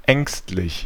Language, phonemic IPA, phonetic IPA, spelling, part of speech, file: German, /ˈɛŋstlɪç/, [ˈʔɛŋstlɪç], ängstlich, adjective, De-ängstlich.ogg
- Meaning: fearful, anxious